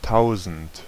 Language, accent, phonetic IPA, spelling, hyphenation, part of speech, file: German, Germany, [ˈtʰaʊ̯zn̩t], tausend, tau‧send, numeral, De-tausend.ogg
- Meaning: thousand